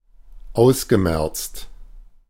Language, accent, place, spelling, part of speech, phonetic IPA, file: German, Germany, Berlin, ausgemerzt, verb, [ˈaʊ̯sɡəˌmɛʁt͡st], De-ausgemerzt.ogg
- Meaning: past participle of ausmerzen